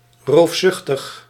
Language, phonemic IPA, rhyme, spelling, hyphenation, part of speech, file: Dutch, /ˌroːfˈsʏx.təx/, -ʏxtəx, roofzuchtig, roof‧zuch‧tig, adjective, Nl-roofzuchtig.ogg
- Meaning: rapacious